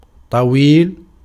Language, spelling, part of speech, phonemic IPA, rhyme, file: Arabic, طويل, adjective, /tˤa.wiːl/, -iːl, Ar-طويل.ogg
- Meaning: long, tall